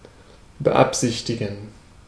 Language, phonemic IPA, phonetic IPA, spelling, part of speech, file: German, /bəˈapsɪçtɪɡən/, [bəˌʔapsɪçtʰɪɡŋ], beabsichtigen, verb, De-beabsichtigen.ogg
- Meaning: to intend